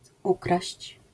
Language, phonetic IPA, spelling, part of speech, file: Polish, [ˈukraɕt͡ɕ], ukraść, verb, LL-Q809 (pol)-ukraść.wav